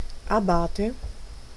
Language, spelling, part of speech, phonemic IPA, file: Italian, abate, noun, /aˈbate/, It-abate.ogg